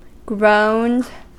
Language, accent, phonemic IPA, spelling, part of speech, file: English, US, /ɡɹoʊnd/, groaned, verb, En-us-groaned.ogg
- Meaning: simple past and past participle of groan